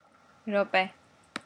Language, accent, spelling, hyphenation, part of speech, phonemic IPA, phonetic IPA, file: Armenian, Eastern Armenian, րոպե, րո‧պե, noun, /ɾoˈpe/, [ɾopé], ɾopɛ.ogg
- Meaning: 1. minute 2. unspecified short time, moment